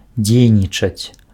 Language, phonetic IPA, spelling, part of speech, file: Belarusian, [ˈd͡zʲejnʲit͡ʂat͡sʲ], дзейнічаць, verb, Be-дзейнічаць.ogg
- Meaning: to act (perform an action or activity)